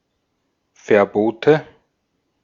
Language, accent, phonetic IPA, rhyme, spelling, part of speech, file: German, Austria, [fɛɐ̯ˈboːtə], -oːtə, Verbote, noun, De-at-Verbote.ogg
- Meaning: nominative/accusative/genitive plural of Verbot